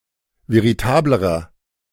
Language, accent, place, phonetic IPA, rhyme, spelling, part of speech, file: German, Germany, Berlin, [veʁiˈtaːbləʁɐ], -aːbləʁɐ, veritablerer, adjective, De-veritablerer.ogg
- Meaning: inflection of veritabel: 1. strong/mixed nominative masculine singular comparative degree 2. strong genitive/dative feminine singular comparative degree 3. strong genitive plural comparative degree